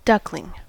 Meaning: 1. A young duck 2. A young duck.: A young female duck
- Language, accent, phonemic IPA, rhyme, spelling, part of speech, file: English, US, /ˈdʌklɪŋ/, -ʌklɪŋ, duckling, noun, En-us-duckling.ogg